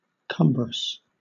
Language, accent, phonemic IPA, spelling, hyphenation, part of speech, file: English, Southern England, /ˈkʌmbɹəs/, cumbrous, cumbr‧ous, adjective, LL-Q1860 (eng)-cumbrous.wav
- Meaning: 1. Unwieldy because of size or weight; cumbersome 2. Causing hindrance or obstruction 3. Giving annoyance or trouble; troublesome, vexatious